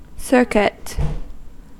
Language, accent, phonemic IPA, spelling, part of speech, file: English, US, /ˈsɝ.kɪt/, circuit, noun / verb, En-us-circuit.ogg
- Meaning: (noun) 1. The act of moving or revolving around, or as in a circle or orbit; a revolution 2. The circumference of, or distance around, any space; the measure of a line around an area